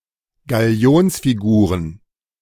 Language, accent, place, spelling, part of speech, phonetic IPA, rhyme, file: German, Germany, Berlin, Galionsfiguren, noun, [ɡaˈli̯oːnsfiˌɡuːʁən], -oːnsfiɡuːʁən, De-Galionsfiguren.ogg
- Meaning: plural of Galionsfigur